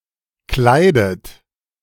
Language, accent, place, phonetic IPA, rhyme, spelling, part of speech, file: German, Germany, Berlin, [ˈklaɪ̯dət], -aɪ̯dət, kleidet, verb, De-kleidet.ogg
- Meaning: inflection of kleiden: 1. second-person plural present 2. second-person plural subjunctive I 3. third-person singular present 4. plural imperative